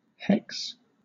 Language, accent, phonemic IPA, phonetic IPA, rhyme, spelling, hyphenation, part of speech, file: English, Southern England, /ˈhɛks/, [ˈhɛks], -ɛks, hex, hex, verb / noun, LL-Q1860 (eng)-hex.wav
- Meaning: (verb) To cast a spell on (specifically an evil spell), to bewitch; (noun) 1. An evil spell or curse 2. A witch 3. A spell (now rare but still found in compounds such as hex sign and hexcraft)